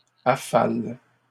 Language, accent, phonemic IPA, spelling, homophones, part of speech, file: French, Canada, /a.fal/, affalent, affale / affales, verb, LL-Q150 (fra)-affalent.wav
- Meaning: third-person plural present indicative/subjunctive of affaler